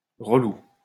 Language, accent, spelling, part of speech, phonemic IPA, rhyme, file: French, France, relou, adjective, /ʁə.lu/, -u, LL-Q150 (fra)-relou.wav
- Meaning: irritating, frustrating, especially to describe a person